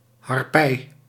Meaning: 1. harpy (hybrid of a woman and a bird of prey) 2. harpy eagle (Harpia harpyja) 3. harpy, harridan (malicious or unpleasant woman)
- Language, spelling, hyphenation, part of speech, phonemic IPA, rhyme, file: Dutch, harpij, har‧pij, noun, /ɦɑrˈpɛi̯/, -ɛi̯, Nl-harpij.ogg